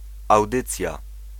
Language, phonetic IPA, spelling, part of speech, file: Polish, [awˈdɨt͡sʲja], audycja, noun, Pl-audycja.ogg